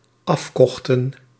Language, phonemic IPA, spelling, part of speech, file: Dutch, /ˈɑf.ˌkɔxtə(n)/, afkochten, verb, Nl-afkochten.ogg
- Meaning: inflection of afkopen: 1. plural dependent-clause past indicative 2. plural dependent-clause past subjunctive